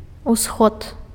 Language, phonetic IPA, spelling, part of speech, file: Belarusian, [uˈsxot], усход, noun, Be-усход.ogg
- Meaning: east